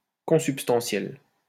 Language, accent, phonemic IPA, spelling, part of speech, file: French, France, /kɔ̃.syp.stɑ̃.sjɛl/, consubstantiel, adjective, LL-Q150 (fra)-consubstantiel.wav
- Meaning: consubstantial